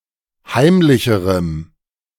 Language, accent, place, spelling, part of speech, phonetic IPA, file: German, Germany, Berlin, heimlicherem, adjective, [ˈhaɪ̯mlɪçəʁəm], De-heimlicherem.ogg
- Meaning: strong dative masculine/neuter singular comparative degree of heimlich